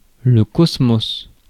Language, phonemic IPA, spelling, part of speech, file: French, /kɔs.mos/, cosmos, noun, Fr-cosmos.ogg
- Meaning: cosmos, universe